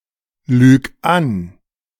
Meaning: singular imperative of anlügen
- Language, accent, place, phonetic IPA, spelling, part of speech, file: German, Germany, Berlin, [ˌlyːk ˈan], lüg an, verb, De-lüg an.ogg